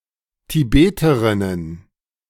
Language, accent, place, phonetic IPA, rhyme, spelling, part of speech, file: German, Germany, Berlin, [tiˈbeːtəʁɪnən], -eːtəʁɪnən, Tibeterinnen, noun, De-Tibeterinnen.ogg
- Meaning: plural of Tibeterin